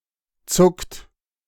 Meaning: inflection of zucken: 1. third-person singular present 2. second-person plural present 3. plural imperative
- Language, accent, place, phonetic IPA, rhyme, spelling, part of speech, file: German, Germany, Berlin, [t͡sʊkt], -ʊkt, zuckt, verb, De-zuckt.ogg